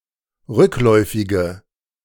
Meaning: inflection of rückläufig: 1. strong/mixed nominative/accusative feminine singular 2. strong nominative/accusative plural 3. weak nominative all-gender singular
- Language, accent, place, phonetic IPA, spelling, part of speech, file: German, Germany, Berlin, [ˈʁʏkˌlɔɪ̯fɪɡə], rückläufige, adjective, De-rückläufige.ogg